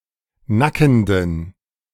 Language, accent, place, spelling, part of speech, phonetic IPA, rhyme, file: German, Germany, Berlin, nackenden, adjective, [ˈnakn̩dən], -akn̩dən, De-nackenden.ogg
- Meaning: inflection of nackend: 1. strong genitive masculine/neuter singular 2. weak/mixed genitive/dative all-gender singular 3. strong/weak/mixed accusative masculine singular 4. strong dative plural